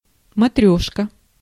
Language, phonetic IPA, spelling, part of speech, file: Russian, [mɐˈtrʲɵʂkə], матрёшка, noun, Ru-матрёшка.ogg
- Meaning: 1. matryoshka, Russian doll 2. a dolled up woman (usually a hijabi) 3. synonym of душица (dušica, “oregano”)